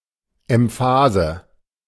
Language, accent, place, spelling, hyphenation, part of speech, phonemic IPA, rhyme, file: German, Germany, Berlin, Emphase, Em‧pha‧se, noun, /ɛmˈfaːzə/, -aːzə, De-Emphase.ogg
- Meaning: emphasis (forcefulness given to an important point in speech or writing, as by raising one's voice or using powerful words)